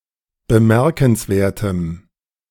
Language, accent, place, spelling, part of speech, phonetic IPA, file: German, Germany, Berlin, bemerkenswertem, adjective, [bəˈmɛʁkn̩sˌveːɐ̯təm], De-bemerkenswertem.ogg
- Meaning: strong dative masculine/neuter singular of bemerkenswert